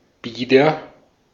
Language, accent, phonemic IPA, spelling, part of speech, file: German, Austria, /ˈbiːdɐ/, bieder, adjective, De-at-bieder.ogg
- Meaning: 1. honest, respectable, trustworthy 2. naive, simple-minded, guileless (sticking simple-mindedly to society's norms)